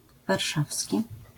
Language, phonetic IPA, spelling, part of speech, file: Polish, [varˈʃafsʲci], warszawski, adjective, LL-Q809 (pol)-warszawski.wav